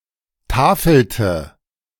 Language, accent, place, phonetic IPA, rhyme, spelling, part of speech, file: German, Germany, Berlin, [ˈtaːfl̩tə], -aːfl̩tə, tafelte, verb, De-tafelte.ogg
- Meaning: inflection of tafeln: 1. first/third-person singular preterite 2. first/third-person singular subjunctive II